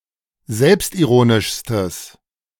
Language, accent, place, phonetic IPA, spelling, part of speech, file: German, Germany, Berlin, [ˈzɛlpstʔiˌʁoːnɪʃstəs], selbstironischstes, adjective, De-selbstironischstes.ogg
- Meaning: strong/mixed nominative/accusative neuter singular superlative degree of selbstironisch